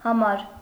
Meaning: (postposition) 1. for 2. for the sake of 3. in order to; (noun) 1. number 2. size (of clothes or shoes) 3. issue (of a newspaper or a magazine) 4. room (in a hotel)
- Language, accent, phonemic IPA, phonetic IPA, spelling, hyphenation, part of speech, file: Armenian, Eastern Armenian, /hɑˈmɑɾ/, [hɑmɑ́ɾ], համար, հա‧մար, postposition / noun, Hy-համար.ogg